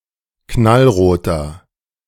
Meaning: inflection of knallrot: 1. strong/mixed nominative masculine singular 2. strong genitive/dative feminine singular 3. strong genitive plural
- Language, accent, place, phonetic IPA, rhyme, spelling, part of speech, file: German, Germany, Berlin, [ˌknalˈʁoːtɐ], -oːtɐ, knallroter, adjective, De-knallroter.ogg